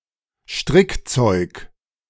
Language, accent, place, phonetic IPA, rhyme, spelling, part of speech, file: German, Germany, Berlin, [ˈʃtʁɪkˌt͡sɔɪ̯k], -ɪkt͡sɔɪ̯k, Strickzeug, noun, De-Strickzeug.ogg
- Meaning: knitting